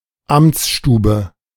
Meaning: office (of a civil servant)
- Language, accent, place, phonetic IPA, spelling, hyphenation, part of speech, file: German, Germany, Berlin, [ˈamt͡sˌʃtuːbə], Amtsstube, Amts‧stu‧be, noun, De-Amtsstube.ogg